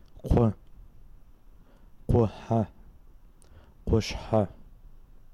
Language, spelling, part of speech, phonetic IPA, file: Adyghe, къу, noun, [qʷə], Adygheкъу.ogg
- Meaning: male